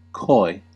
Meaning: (adjective) 1. Bashful, shy, retiring 2. Quiet, reserved, modest 3. Reluctant to give details about something sensitive; notably prudish
- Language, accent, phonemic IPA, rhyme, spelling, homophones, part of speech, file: English, US, /kɔɪ/, -ɔɪ, coy, koi, adjective / verb / noun, En-us-coy.ogg